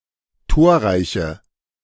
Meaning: inflection of torreich: 1. strong/mixed nominative/accusative feminine singular 2. strong nominative/accusative plural 3. weak nominative all-gender singular
- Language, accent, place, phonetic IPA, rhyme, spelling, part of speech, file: German, Germany, Berlin, [ˈtoːɐ̯ˌʁaɪ̯çə], -oːɐ̯ʁaɪ̯çə, torreiche, adjective, De-torreiche.ogg